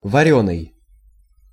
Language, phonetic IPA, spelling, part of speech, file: Russian, [vɐˈrʲɵnɨj], варёный, adjective, Ru-варёный.ogg
- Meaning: boiled, cooked by boiling (of food)